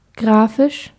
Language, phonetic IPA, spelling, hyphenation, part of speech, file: German, [ˈɡʁaːfɪʃ], graphisch, gra‧phisch, adjective, De-graphisch.ogg
- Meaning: alternative spelling of grafisch